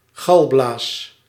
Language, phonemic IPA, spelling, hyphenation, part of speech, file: Dutch, /ˈɣɑl.blaːs/, galblaas, gal‧blaas, noun, Nl-galblaas.ogg
- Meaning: gall bladder (an internal organ)